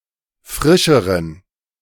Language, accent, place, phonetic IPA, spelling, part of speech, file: German, Germany, Berlin, [ˈfʁɪʃəʁən], frischeren, adjective, De-frischeren.ogg
- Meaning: inflection of frisch: 1. strong genitive masculine/neuter singular comparative degree 2. weak/mixed genitive/dative all-gender singular comparative degree